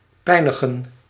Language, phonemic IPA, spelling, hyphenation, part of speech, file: Dutch, /ˈpɛi̯.nə.ɣə(n)/, pijnigen, pij‧ni‧gen, verb, Nl-pijnigen.ogg
- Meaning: 1. to torment, torture 2. to hurt, to harm 3. to make a great, painstaking effort